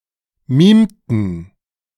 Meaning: inflection of mimen: 1. first/third-person plural preterite 2. first/third-person plural subjunctive II
- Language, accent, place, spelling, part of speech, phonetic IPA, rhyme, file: German, Germany, Berlin, mimten, verb, [ˈmiːmtn̩], -iːmtn̩, De-mimten.ogg